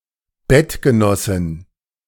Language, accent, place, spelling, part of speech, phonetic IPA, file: German, Germany, Berlin, Bettgenossin, noun, [ˈbɛtɡəˌnɔsɪn], De-Bettgenossin.ogg
- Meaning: female equivalent of Bettgenosse